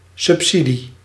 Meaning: 1. a subsidy, a subvention 2. aid, help; the act of helping
- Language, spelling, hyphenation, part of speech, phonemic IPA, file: Dutch, subsidie, sub‧si‧die, noun, /ˌsʏpˈsi.di/, Nl-subsidie.ogg